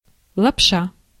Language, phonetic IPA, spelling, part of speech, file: Russian, [ɫɐpˈʂa], лапша, noun, Ru-лапша.ogg
- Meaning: 1. noodle, noodles 2. telephone wire (wires), especially not twisted